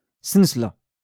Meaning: 1. necklace 2. zip fastener
- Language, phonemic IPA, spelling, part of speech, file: Moroccan Arabic, /san.sla/, سنسلة, noun, LL-Q56426 (ary)-سنسلة.wav